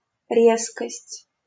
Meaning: 1. harshness 2. acuity 3. abruptness 4. sharpness (of an image)
- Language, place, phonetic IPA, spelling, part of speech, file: Russian, Saint Petersburg, [ˈrʲeskəsʲtʲ], резкость, noun, LL-Q7737 (rus)-резкость.wav